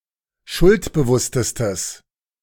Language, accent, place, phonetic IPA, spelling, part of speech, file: German, Germany, Berlin, [ˈʃʊltbəˌvʊstəstəs], schuldbewusstestes, adjective, De-schuldbewusstestes.ogg
- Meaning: strong/mixed nominative/accusative neuter singular superlative degree of schuldbewusst